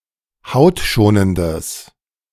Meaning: strong/mixed nominative/accusative neuter singular of hautschonend
- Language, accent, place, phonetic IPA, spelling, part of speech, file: German, Germany, Berlin, [ˈhaʊ̯tˌʃoːnəndəs], hautschonendes, adjective, De-hautschonendes.ogg